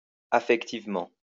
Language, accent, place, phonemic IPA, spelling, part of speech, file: French, France, Lyon, /a.fɛk.tiv.mɑ̃/, affectivement, adverb, LL-Q150 (fra)-affectivement.wav
- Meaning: 1. affectionately 2. softly